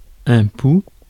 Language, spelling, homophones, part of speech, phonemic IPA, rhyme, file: French, pou, poux / pouls, noun, /pu/, -u, Fr-pou.ogg
- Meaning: louse; head louse (Pediculus humanus capitis)